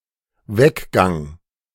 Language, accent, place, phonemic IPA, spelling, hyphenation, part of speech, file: German, Germany, Berlin, /ˈvɛkˌɡaŋ/, Weggang, Weg‧gang, noun, De-Weggang.ogg
- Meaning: departure